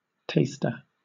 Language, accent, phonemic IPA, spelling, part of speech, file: English, Southern England, /teɪstɚ/, taster, noun, LL-Q1860 (eng)-taster.wav
- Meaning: An object in which, or by which, food or drink is tasted, such as a small cup or spoon